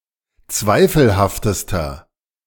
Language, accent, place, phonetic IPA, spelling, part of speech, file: German, Germany, Berlin, [ˈt͡svaɪ̯fl̩haftəstɐ], zweifelhaftester, adjective, De-zweifelhaftester.ogg
- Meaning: inflection of zweifelhaft: 1. strong/mixed nominative masculine singular superlative degree 2. strong genitive/dative feminine singular superlative degree 3. strong genitive plural superlative degree